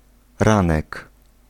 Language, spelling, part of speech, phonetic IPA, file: Polish, ranek, noun, [ˈrãnɛk], Pl-ranek.ogg